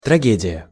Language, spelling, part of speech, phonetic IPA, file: Russian, трагедия, noun, [trɐˈɡʲedʲɪjə], Ru-трагедия.ogg
- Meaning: tragedy (drama or similar work)